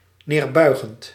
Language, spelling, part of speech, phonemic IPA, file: Dutch, neerbuigend, verb / adjective, /nerˈbœyxənt/, Nl-neerbuigend.ogg
- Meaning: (adjective) condescending; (verb) present participle of neerbuigen